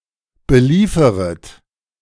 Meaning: second-person plural subjunctive I of beliefern
- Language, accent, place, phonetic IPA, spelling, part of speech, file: German, Germany, Berlin, [bəˈliːfəʁət], belieferet, verb, De-belieferet.ogg